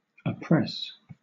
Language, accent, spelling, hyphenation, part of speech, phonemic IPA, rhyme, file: English, Southern England, oppress, op‧press, verb / noun, /əˈpɹɛs/, -ɛs, LL-Q1860 (eng)-oppress.wav
- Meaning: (verb) 1. To keep down by unjust force 2. To make sad or gloomy 3. Physically to press down on (someone) with harmful effects; to smother, crush 4. To sexually violate; to rape; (noun) Oppression